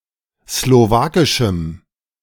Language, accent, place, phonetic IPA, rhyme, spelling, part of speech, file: German, Germany, Berlin, [sloˈvaːkɪʃm̩], -aːkɪʃm̩, slowakischem, adjective, De-slowakischem.ogg
- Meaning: strong dative masculine/neuter singular of slowakisch